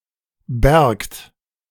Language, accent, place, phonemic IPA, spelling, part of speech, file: German, Germany, Berlin, /bɛɐ̯kt/, bärgt, verb, De-bärgt.ogg
- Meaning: second-person plural subjunctive II of bergen